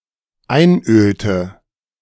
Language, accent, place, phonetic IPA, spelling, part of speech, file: German, Germany, Berlin, [ˈaɪ̯nˌʔøːltə], einölte, verb, De-einölte.ogg
- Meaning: inflection of einölen: 1. first/third-person singular dependent preterite 2. first/third-person singular dependent subjunctive II